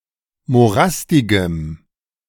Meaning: strong dative masculine/neuter singular of morastig
- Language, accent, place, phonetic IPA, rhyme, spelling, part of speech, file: German, Germany, Berlin, [moˈʁastɪɡəm], -astɪɡəm, morastigem, adjective, De-morastigem.ogg